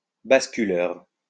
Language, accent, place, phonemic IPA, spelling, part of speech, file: French, France, Lyon, /bas.ky.lœʁ/, basculeur, adjective, LL-Q150 (fra)-basculeur.wav
- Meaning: rocking